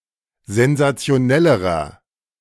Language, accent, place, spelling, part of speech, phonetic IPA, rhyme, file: German, Germany, Berlin, sensationellerer, adjective, [zɛnzat͡si̯oˈnɛləʁɐ], -ɛləʁɐ, De-sensationellerer.ogg
- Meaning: inflection of sensationell: 1. strong/mixed nominative masculine singular comparative degree 2. strong genitive/dative feminine singular comparative degree 3. strong genitive plural comparative degree